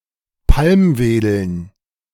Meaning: dative plural of Palmwedel
- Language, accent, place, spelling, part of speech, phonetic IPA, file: German, Germany, Berlin, Palmwedeln, noun, [ˈpalmˌveːdl̩n], De-Palmwedeln.ogg